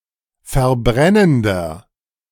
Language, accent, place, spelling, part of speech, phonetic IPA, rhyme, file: German, Germany, Berlin, verbrennender, adjective, [fɛɐ̯ˈbʁɛnəndɐ], -ɛnəndɐ, De-verbrennender.ogg
- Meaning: inflection of verbrennend: 1. strong/mixed nominative masculine singular 2. strong genitive/dative feminine singular 3. strong genitive plural